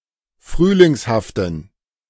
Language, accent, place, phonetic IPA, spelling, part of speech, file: German, Germany, Berlin, [ˈfʁyːlɪŋshaftn̩], frühlingshaften, adjective, De-frühlingshaften.ogg
- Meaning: inflection of frühlingshaft: 1. strong genitive masculine/neuter singular 2. weak/mixed genitive/dative all-gender singular 3. strong/weak/mixed accusative masculine singular 4. strong dative plural